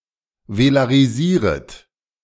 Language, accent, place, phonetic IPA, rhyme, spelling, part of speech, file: German, Germany, Berlin, [velaʁiˈziːʁət], -iːʁət, velarisieret, verb, De-velarisieret.ogg
- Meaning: second-person plural subjunctive I of velarisieren